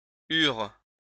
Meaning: third-person plural past historic of avoir
- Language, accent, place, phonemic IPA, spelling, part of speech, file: French, France, Lyon, /yʁ/, eurent, verb, LL-Q150 (fra)-eurent.wav